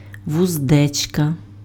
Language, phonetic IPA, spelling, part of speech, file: Ukrainian, [wʊzˈdɛt͡ʃkɐ], вуздечка, noun, Uk-вуздечка.ogg
- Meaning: bridle